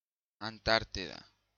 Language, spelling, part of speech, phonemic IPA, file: Galician, Antártida, proper noun, /anˈtaɾ.ti.ða/, Gl-Antártida.ogg
- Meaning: Antarctica (the southernmost continent, south of the Southern Ocean, containing the South Pole)